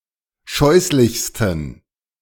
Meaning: 1. superlative degree of scheußlich 2. inflection of scheußlich: strong genitive masculine/neuter singular superlative degree
- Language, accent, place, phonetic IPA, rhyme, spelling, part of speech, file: German, Germany, Berlin, [ˈʃɔɪ̯slɪçstn̩], -ɔɪ̯slɪçstn̩, scheußlichsten, adjective, De-scheußlichsten.ogg